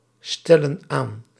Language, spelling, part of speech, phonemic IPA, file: Dutch, stellen aan, verb, /ˈstɛlə(n) ˈan/, Nl-stellen aan.ogg
- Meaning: inflection of aanstellen: 1. plural present indicative 2. plural present subjunctive